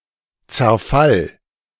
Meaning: 1. disintegration, collapse, breakup, dissolution 2. decay
- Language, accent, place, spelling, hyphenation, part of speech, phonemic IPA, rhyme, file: German, Germany, Berlin, Zerfall, Zer‧fall, noun, /tsɛɐ̯ˈfal/, -al, De-Zerfall.ogg